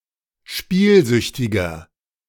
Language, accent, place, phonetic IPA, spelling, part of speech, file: German, Germany, Berlin, [ˈʃpiːlˌzʏçtɪɡɐ], spielsüchtiger, adjective, De-spielsüchtiger.ogg
- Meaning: 1. comparative degree of spielsüchtig 2. inflection of spielsüchtig: strong/mixed nominative masculine singular 3. inflection of spielsüchtig: strong genitive/dative feminine singular